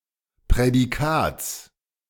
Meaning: genitive of Prädikat
- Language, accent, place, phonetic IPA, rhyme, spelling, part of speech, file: German, Germany, Berlin, [pʁɛdiˈkaːt͡s], -aːt͡s, Prädikats, noun, De-Prädikats.ogg